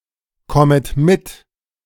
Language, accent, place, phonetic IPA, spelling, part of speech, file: German, Germany, Berlin, [ˌkɔmət ˈmɪt], kommet mit, verb, De-kommet mit.ogg
- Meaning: second-person plural subjunctive I of mitkommen